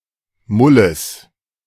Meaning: genitive singular of Mull
- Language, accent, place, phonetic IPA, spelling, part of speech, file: German, Germany, Berlin, [ˈmʊləs], Mulles, noun, De-Mulles.ogg